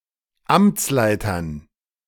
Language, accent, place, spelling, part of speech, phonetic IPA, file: German, Germany, Berlin, Amtsleitern, noun, [ˈamt͡sˌlaɪ̯tɐn], De-Amtsleitern.ogg
- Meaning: dative plural of Amtsleiter